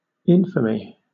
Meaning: 1. The state of being infamous 2. A reprehensible occurrence or situation 3. A stigma attaching to a person's character that disqualifies them from being a witness
- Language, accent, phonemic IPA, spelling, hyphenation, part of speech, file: English, Southern England, /ˈɪnfəmi/, infamy, in‧fa‧my, noun, LL-Q1860 (eng)-infamy.wav